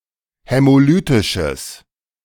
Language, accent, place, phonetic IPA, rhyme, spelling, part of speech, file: German, Germany, Berlin, [hɛmoˈlyːtɪʃəs], -yːtɪʃəs, hämolytisches, adjective, De-hämolytisches.ogg
- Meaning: strong/mixed nominative/accusative neuter singular of hämolytisch